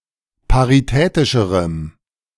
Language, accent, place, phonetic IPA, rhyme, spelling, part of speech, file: German, Germany, Berlin, [paʁiˈtɛːtɪʃəʁəm], -ɛːtɪʃəʁəm, paritätischerem, adjective, De-paritätischerem.ogg
- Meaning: strong dative masculine/neuter singular comparative degree of paritätisch